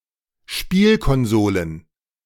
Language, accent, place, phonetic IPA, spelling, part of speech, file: German, Germany, Berlin, [ˈʃpiːlkɔnˌzoːlən], Spielkonsolen, noun, De-Spielkonsolen.ogg
- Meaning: plural of Spielkonsole